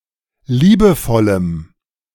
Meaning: strong dative masculine/neuter singular of liebevoll
- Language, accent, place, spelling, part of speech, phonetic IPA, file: German, Germany, Berlin, liebevollem, adjective, [ˈliːbəˌfɔləm], De-liebevollem.ogg